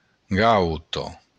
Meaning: cheek
- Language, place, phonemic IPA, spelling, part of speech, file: Occitan, Béarn, /ˈɡawto/, gauta, noun, LL-Q14185 (oci)-gauta.wav